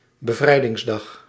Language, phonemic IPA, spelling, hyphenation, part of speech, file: Dutch, /bəˈvrɛi̯.dɪŋsˌdɑx/, Bevrijdingsdag, Be‧vrij‧dings‧dag, proper noun, Nl-Bevrijdingsdag.ogg
- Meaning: Liberation Day, i.e. VE Day (Victory in Europe day): celebrated as a holiday on May 5th in the Netherlands